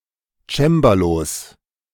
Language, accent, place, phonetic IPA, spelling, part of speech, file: German, Germany, Berlin, [ˈt͡ʃɛmbalos], Cembalos, noun, De-Cembalos.ogg
- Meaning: 1. genitive singular of Cembalo 2. plural of Cembalo